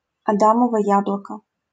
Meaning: 1. Adam's apple (formal term) 2. Osage orange (Maclura pomifera)
- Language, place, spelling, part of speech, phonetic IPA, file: Russian, Saint Petersburg, адамово яблоко, noun, [ɐˈdaməvə ˈjabɫəkə], LL-Q7737 (rus)-адамово яблоко.wav